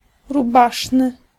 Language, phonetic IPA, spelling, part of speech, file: Polish, [ruˈbaʃnɨ], rubaszny, adjective, Pl-rubaszny.ogg